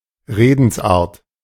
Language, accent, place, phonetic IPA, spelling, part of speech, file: German, Germany, Berlin, [ˈʁeːdn̩sˌʔaːɐ̯t], Redensart, noun, De-Redensart.ogg
- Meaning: a commonly used expression, sentence, or proverb